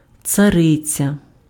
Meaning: tsarina, tsaritsa (empress of several Eastern European countries, especially Russia, or the wife of a tsar)
- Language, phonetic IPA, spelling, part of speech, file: Ukrainian, [t͡sɐˈrɪt͡sʲɐ], цариця, noun, Uk-цариця.ogg